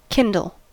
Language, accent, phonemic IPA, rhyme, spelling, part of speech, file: English, US, /ˈkɪn.dəl/, -ɪndəl, kindle, verb / noun / adjective, En-us-kindle.ogg
- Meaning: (verb) 1. To start (a fire) or light (a torch, a match, coals, etc.) 2. To arouse or inspire (a passion, etc) 3. To begin to grow or take hold